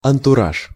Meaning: 1. environment, surroundings, setting (set of environmental conditions) 2. entourage (retinue of attendants, associates or followers)
- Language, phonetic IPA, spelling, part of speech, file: Russian, [ɐntʊˈraʂ], антураж, noun, Ru-антураж.ogg